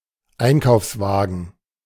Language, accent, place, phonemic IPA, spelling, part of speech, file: German, Germany, Berlin, /ˈaɪ̯nkaʊ̯fsˌvaːɡən/, Einkaufswagen, noun, De-Einkaufswagen.ogg
- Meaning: shopping cart, shopping trolley